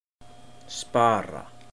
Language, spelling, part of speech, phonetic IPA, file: Icelandic, spara, verb, [ˈspaːra], Is-spara.oga
- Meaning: 1. to spare 2. to save (money)